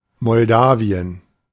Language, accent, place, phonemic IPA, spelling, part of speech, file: German, Germany, Berlin, /mɔlˈdaːvi.ən/, Moldawien, proper noun, De-Moldawien.ogg
- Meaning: Moldova (a country in Eastern Europe; official names: Republik Moldau (Germany and Austria) and Republik Moldova (Switzerland))